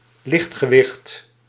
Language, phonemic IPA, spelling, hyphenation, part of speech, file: Dutch, /ˈlɪxt.xəˌʋɪxt/, lichtgewicht, licht‧ge‧wicht, noun / adjective, Nl-lichtgewicht.ogg
- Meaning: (noun) 1. lightweight (player with a low mass) 2. lightweight, someone with little skill or competence 3. a lightweight object; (adjective) lightweight